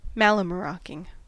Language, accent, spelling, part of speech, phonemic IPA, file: English, US, mallemaroking, noun, /ˌmæləməˈɹoʊkɪŋ/, En-us-mallemaroking.ogg
- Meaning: The act of carousing on icebound Greenland whaling ships